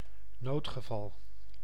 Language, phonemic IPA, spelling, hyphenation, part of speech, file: Dutch, /ˈnoːt.xəˌvɑl/, noodgeval, nood‧ge‧val, noun, Nl-noodgeval.ogg
- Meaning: emergency, emergency case